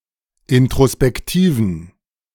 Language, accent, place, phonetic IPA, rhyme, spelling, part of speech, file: German, Germany, Berlin, [ɪntʁospɛkˈtiːvn̩], -iːvn̩, introspektiven, adjective, De-introspektiven.ogg
- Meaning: inflection of introspektiv: 1. strong genitive masculine/neuter singular 2. weak/mixed genitive/dative all-gender singular 3. strong/weak/mixed accusative masculine singular 4. strong dative plural